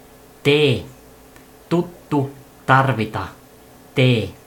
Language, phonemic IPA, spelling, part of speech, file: Finnish, /t/, t, character / noun, Fi-t.ogg
- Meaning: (character) The twentieth letter of the Finnish alphabet, called tee and written in the Latin script; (noun) abbreviation of tavu